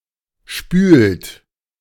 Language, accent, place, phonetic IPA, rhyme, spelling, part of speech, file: German, Germany, Berlin, [ʃpyːlt], -yːlt, spült, verb, De-spült.ogg
- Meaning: inflection of spülen: 1. third-person singular present 2. second-person plural present 3. plural imperative